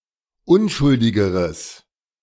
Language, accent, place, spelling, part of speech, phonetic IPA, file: German, Germany, Berlin, unschuldigeres, adjective, [ˈʊnʃʊldɪɡəʁəs], De-unschuldigeres.ogg
- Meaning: strong/mixed nominative/accusative neuter singular comparative degree of unschuldig